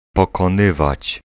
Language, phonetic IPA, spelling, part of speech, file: Polish, [ˌpɔkɔ̃ˈnɨvat͡ɕ], pokonywać, verb, Pl-pokonywać.ogg